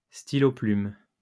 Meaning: fountain pen
- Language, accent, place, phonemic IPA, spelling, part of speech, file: French, France, Lyon, /sti.lo.plym/, stylo-plume, noun, LL-Q150 (fra)-stylo-plume.wav